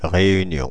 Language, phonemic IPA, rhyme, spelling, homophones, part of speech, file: French, /ʁe.y.njɔ̃/, -ɔ̃, Réunion, réunion / réunions, proper noun, Fr-Réunion.ogg
- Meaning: Réunion (an island, overseas department, and administrative region of France, located in the Indian Ocean to the west of Mauritius and to the east of Madagascar)